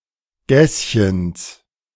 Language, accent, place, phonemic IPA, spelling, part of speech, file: German, Germany, Berlin, /ˈɡɛs.çəns/, Gässchens, noun, De-Gässchens.ogg
- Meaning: genitive of Gässchen